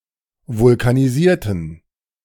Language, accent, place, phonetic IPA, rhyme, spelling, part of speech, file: German, Germany, Berlin, [vʊlkaniˈziːɐ̯tn̩], -iːɐ̯tn̩, vulkanisierten, adjective / verb, De-vulkanisierten.ogg
- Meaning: inflection of vulkanisieren: 1. first/third-person plural preterite 2. first/third-person plural subjunctive II